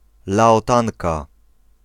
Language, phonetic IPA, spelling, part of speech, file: Polish, [ˌlaɔˈtãŋka], Laotanka, noun, Pl-Laotanka.ogg